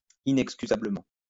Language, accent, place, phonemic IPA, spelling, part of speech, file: French, France, Lyon, /i.nɛk.sky.za.blə.mɑ̃/, inexcusablement, adverb, LL-Q150 (fra)-inexcusablement.wav
- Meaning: inexcusably